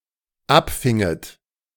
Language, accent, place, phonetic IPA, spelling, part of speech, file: German, Germany, Berlin, [ˈapˌfɪŋət], abfinget, verb, De-abfinget.ogg
- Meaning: second-person plural dependent subjunctive II of abfangen